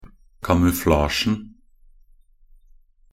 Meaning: definite singular of kamuflasje
- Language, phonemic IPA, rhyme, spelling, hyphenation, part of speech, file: Norwegian Bokmål, /kamʉˈflɑːʃn̩/, -ɑːʃn̩, kamuflasjen, ka‧mu‧fla‧sjen, noun, Nb-kamuflasjen.ogg